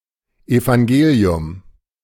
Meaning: 1. Evangelium, Gospel (one of the first four books of the New Testament: Matthew, Mark, Luke, or John) 2. gospel (the good news of salvation through Jesus)
- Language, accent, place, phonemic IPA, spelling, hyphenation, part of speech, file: German, Germany, Berlin, /evaŋˈɡeːli̯ʊm/, Evangelium, Evan‧ge‧li‧um, noun, De-Evangelium.ogg